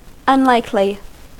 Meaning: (adjective) 1. Not likely; improbable; not to be reasonably expected 2. Not holding out a prospect of success; likely to fail; unpromising; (adverb) In an improbable manner
- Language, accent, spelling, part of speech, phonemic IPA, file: English, US, unlikely, adjective / adverb / noun, /ʌnˈlaɪkli/, En-us-unlikely.ogg